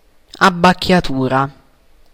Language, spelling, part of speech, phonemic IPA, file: Italian, abbacchiatura, noun, /abbakkjaˈtura/, It-abbacchiatura.ogg